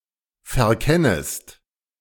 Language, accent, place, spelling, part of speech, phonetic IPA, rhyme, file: German, Germany, Berlin, verkennest, verb, [fɛɐ̯ˈkɛnəst], -ɛnəst, De-verkennest.ogg
- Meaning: second-person singular subjunctive I of verkennen